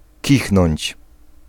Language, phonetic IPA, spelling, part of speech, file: Polish, [ˈcixnɔ̃ɲt͡ɕ], kichnąć, verb, Pl-kichnąć.ogg